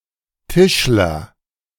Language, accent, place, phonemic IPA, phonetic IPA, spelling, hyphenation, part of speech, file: German, Germany, Berlin, /ˈtɪʃ.ləʁ/, [ˈtɪʃlɐ], Tischler, Tisch‧ler, noun, De-Tischler.ogg
- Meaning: joiner (wooden furniture manufacturer)